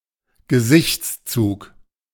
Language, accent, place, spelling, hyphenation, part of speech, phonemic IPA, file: German, Germany, Berlin, Gesichtszug, Ge‧sichts‧zug, noun, /ɡəˈzɪçt͡sˌt͡suːk/, De-Gesichtszug.ogg
- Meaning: trait, feature